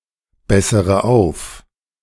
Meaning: inflection of aufbessern: 1. first-person singular present 2. first/third-person singular subjunctive I 3. singular imperative
- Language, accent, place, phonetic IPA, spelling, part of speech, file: German, Germany, Berlin, [ˌbɛsəʁə ˈaʊ̯f], bessere auf, verb, De-bessere auf.ogg